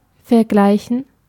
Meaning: to compare
- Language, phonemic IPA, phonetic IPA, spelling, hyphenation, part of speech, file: German, /fɛʁˈɡlaɪ̯çən/, [fɛɐ̯ˈɡlaɪ̯çn̩], vergleichen, ver‧glei‧chen, verb, De-vergleichen.ogg